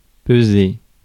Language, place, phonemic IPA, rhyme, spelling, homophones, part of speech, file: French, Paris, /pə.ze/, -e, peser, pesai / pesé / pesée / pesées / pesés, verb, Fr-peser.ogg
- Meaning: 1. to weigh (to have a weight of) 2. to weigh (to have a weight of): of a file, to have a given size 3. to weigh (to see how much something weighs) 4. to burden, weigh down